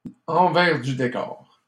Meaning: (figuratively) what's behind the scenes
- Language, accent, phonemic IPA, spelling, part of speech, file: French, Canada, /ɑ̃.vɛʁ dy de.kɔʁ/, envers du décor, noun, LL-Q150 (fra)-envers du décor.wav